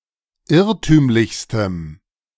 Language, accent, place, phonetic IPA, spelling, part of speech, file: German, Germany, Berlin, [ˈɪʁtyːmlɪçstəm], irrtümlichstem, adjective, De-irrtümlichstem.ogg
- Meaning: strong dative masculine/neuter singular superlative degree of irrtümlich